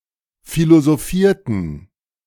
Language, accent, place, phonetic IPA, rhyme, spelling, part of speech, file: German, Germany, Berlin, [ˌfilozoˈfiːɐ̯tn̩], -iːɐ̯tn̩, philosophierten, verb, De-philosophierten.ogg
- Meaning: inflection of philosophieren: 1. first/third-person plural preterite 2. first/third-person plural subjunctive II